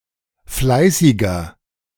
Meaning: 1. comparative degree of fleißig 2. inflection of fleißig: strong/mixed nominative masculine singular 3. inflection of fleißig: strong genitive/dative feminine singular
- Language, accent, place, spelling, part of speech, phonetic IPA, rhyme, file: German, Germany, Berlin, fleißiger, adjective, [ˈflaɪ̯sɪɡɐ], -aɪ̯sɪɡɐ, De-fleißiger.ogg